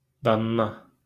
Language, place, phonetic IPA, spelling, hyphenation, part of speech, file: Azerbaijani, Baku, [ˈdɑˈnːɑ], danna, dan‧na, adverb, LL-Q9292 (aze)-danna.wav
- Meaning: tomorrow